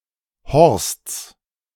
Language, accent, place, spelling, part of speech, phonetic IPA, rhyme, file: German, Germany, Berlin, Horsts, noun, [hɔʁst͡s], -ɔʁst͡s, De-Horsts.ogg
- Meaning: genitive singular of Horst